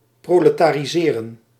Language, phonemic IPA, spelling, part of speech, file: Dutch, /ˌproː.lə.taː.riˈzeː.rə(n)/, proletariseren, verb, Nl-proletariseren.ogg
- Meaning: 1. to become a proletarian 2. to cause to become a proletarian